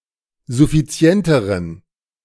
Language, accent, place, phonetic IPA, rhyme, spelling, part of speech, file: German, Germany, Berlin, [zʊfiˈt͡si̯ɛntəʁən], -ɛntəʁən, suffizienteren, adjective, De-suffizienteren.ogg
- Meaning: inflection of suffizient: 1. strong genitive masculine/neuter singular comparative degree 2. weak/mixed genitive/dative all-gender singular comparative degree